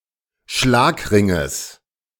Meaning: genitive singular of Schlagring
- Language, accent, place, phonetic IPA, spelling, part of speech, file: German, Germany, Berlin, [ˈʃlaːkˌʁɪŋəs], Schlagringes, noun, De-Schlagringes.ogg